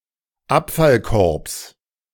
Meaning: genitive singular of Abfallkorb
- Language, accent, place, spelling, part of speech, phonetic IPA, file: German, Germany, Berlin, Abfallkorbs, noun, [ˈapfalˌkɔʁps], De-Abfallkorbs.ogg